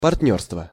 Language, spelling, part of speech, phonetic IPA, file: Russian, партнёрство, noun, [pɐrt⁽ʲ⁾ˈnʲɵrstvə], Ru-партнёрство.ogg
- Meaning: partnership